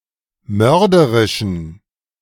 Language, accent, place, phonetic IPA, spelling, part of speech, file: German, Germany, Berlin, [ˈmœʁdəʁɪʃn̩], mörderischen, adjective, De-mörderischen.ogg
- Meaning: inflection of mörderisch: 1. strong genitive masculine/neuter singular 2. weak/mixed genitive/dative all-gender singular 3. strong/weak/mixed accusative masculine singular 4. strong dative plural